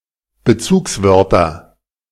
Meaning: nominative/accusative/genitive plural of Bezugswort
- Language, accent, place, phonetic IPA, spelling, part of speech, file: German, Germany, Berlin, [bəˈt͡suːksˌvœʁtɐ], Bezugswörter, noun, De-Bezugswörter.ogg